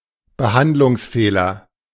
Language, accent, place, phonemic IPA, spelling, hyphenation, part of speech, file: German, Germany, Berlin, /bəˈhandlʊŋsˌfeːlɐ/, Behandlungsfehler, Be‧hand‧lungs‧feh‧ler, noun, De-Behandlungsfehler.ogg
- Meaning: malpractice